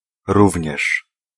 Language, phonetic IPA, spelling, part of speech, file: Polish, [ˈruvʲɲɛʃ], również, particle, Pl-również.ogg